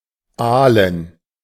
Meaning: 1. to stretch out, especially laughing (compare rotfl) 2. to relax (e.g. as on vacation) 3. to hunt eels, to go on an eel-hunt (historic use)
- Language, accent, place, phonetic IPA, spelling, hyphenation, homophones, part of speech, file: German, Germany, Berlin, [ˈaːlən], aalen, aa‧len, Ahlen, verb, De-aalen.ogg